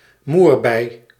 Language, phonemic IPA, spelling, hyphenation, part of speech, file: Dutch, /ˈmurbɛi/, moerbei, moer‧bei, noun, Nl-moerbei.ogg
- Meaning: 1. mulberry (the berry) 2. the mulberry tree, which bears this fruit (of genus Morus)